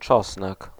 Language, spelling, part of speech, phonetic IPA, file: Polish, czosnek, noun, [ˈt͡ʃɔsnɛk], Pl-czosnek.ogg